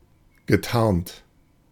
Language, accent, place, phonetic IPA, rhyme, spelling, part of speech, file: German, Germany, Berlin, [ɡəˈtaʁnt], -aʁnt, getarnt, adjective / verb, De-getarnt.ogg
- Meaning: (verb) past participle of tarnen; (adjective) camouflaged, masked, concealed, in disguise